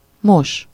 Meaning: to wash something (to clean with water, including brushing one’s teeth)
- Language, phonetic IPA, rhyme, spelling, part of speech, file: Hungarian, [ˈmoʃ], -oʃ, mos, verb, Hu-mos.ogg